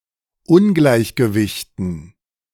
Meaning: dative plural of Ungleichgewicht
- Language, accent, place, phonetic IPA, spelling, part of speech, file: German, Germany, Berlin, [ˈʊnɡlaɪ̯çɡəvɪçtn̩], Ungleichgewichten, noun, De-Ungleichgewichten.ogg